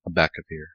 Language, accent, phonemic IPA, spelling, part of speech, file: English, General American, /əˈbæk.əˌvɪɹ/, abacavir, noun, En-us-abacavir.ogg